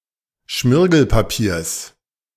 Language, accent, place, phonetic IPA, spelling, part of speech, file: German, Germany, Berlin, [ˈʃmɪʁɡl̩paˌpiːɐ̯s], Schmirgelpapiers, noun, De-Schmirgelpapiers.ogg
- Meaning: genitive singular of Schmirgelpapier